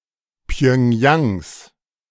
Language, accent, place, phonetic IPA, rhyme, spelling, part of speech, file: German, Germany, Berlin, [pjœŋˈjaŋs], -aŋs, Pjöngjangs, noun, De-Pjöngjangs.ogg
- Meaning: genitive singular of Pjöngjang